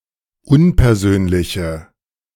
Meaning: inflection of unpersönlich: 1. strong/mixed nominative/accusative feminine singular 2. strong nominative/accusative plural 3. weak nominative all-gender singular
- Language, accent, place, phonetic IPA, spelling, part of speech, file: German, Germany, Berlin, [ˈʊnpɛɐ̯ˌzøːnlɪçə], unpersönliche, adjective, De-unpersönliche.ogg